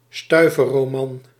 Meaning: a pulp novel, a cheap novel of inferior fiction, originally sold for five cents
- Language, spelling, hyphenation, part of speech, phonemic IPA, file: Dutch, stuiversroman, stui‧vers‧ro‧man, noun, /ˈstœy̯.vərs.roːˌmɑn/, Nl-stuiversroman.ogg